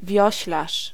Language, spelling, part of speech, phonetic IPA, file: Polish, wioślarz, noun, [ˈvʲjɔ̇ɕlaʃ], Pl-wioślarz.ogg